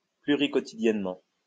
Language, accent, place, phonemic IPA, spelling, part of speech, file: French, France, Lyon, /ply.ʁi.kɔ.ti.djɛn.mɑ̃/, pluriquotidiennement, adverb, LL-Q150 (fra)-pluriquotidiennement.wav
- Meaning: several times each day